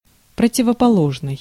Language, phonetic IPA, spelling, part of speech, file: Russian, [prətʲɪvəpɐˈɫoʐnɨj], противоположный, adjective, Ru-противоположный.ogg
- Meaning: 1. opposite 2. contrary, opposed